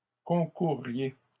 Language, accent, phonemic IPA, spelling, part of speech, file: French, Canada, /kɔ̃.kuʁ.ʁje/, concourriez, verb, LL-Q150 (fra)-concourriez.wav
- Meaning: second-person plural conditional of concourir